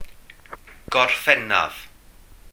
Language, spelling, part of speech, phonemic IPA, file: Welsh, Gorffennaf, proper noun, /ɡɔrˈfɛna(v)/, Cy-Gorffennaf.ogg
- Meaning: July